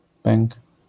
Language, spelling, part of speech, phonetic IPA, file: Polish, pęk, noun, [pɛ̃ŋk], LL-Q809 (pol)-pęk.wav